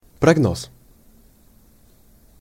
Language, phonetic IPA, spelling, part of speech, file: Russian, [prɐɡˈnos], прогноз, noun, Ru-прогноз.ogg
- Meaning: 1. forecast, projection 2. prognosis